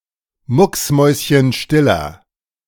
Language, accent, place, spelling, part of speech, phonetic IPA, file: German, Germany, Berlin, mucksmäuschenstiller, adjective, [ˈmʊksˌmɔɪ̯sçənʃtɪlɐ], De-mucksmäuschenstiller.ogg
- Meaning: inflection of mucksmäuschenstill: 1. strong/mixed nominative masculine singular 2. strong genitive/dative feminine singular 3. strong genitive plural